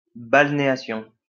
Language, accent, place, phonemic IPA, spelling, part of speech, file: French, France, Lyon, /bal.ne.a.sjɔ̃/, balnéation, noun, LL-Q150 (fra)-balnéation.wav
- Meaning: balneation